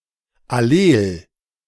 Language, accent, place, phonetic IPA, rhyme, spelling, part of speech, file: German, Germany, Berlin, [aˈleːl], -eːl, allel, adjective, De-allel.ogg
- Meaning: 1. allelic 2. allelomorphic